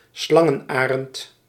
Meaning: short-toed snake eagle (Circaetus gallicus)
- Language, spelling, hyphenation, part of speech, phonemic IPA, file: Dutch, slangenarend, slan‧gen‧arend, noun, /ˈslɑ.ŋə(n)ˌaː.rənt/, Nl-slangenarend.ogg